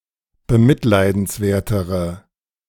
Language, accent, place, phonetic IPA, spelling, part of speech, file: German, Germany, Berlin, [bəˈmɪtlaɪ̯dn̩sˌvɛɐ̯təʁə], bemitleidenswertere, adjective, De-bemitleidenswertere.ogg
- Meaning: inflection of bemitleidenswert: 1. strong/mixed nominative/accusative feminine singular comparative degree 2. strong nominative/accusative plural comparative degree